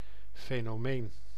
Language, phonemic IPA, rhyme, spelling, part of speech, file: Dutch, /feː.noːˈmeːn/, -eːn, fenomeen, noun, Nl-fenomeen.ogg
- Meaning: 1. phenomenon (observable event) 2. phenomenon (unexplainable or questionable fact or situation)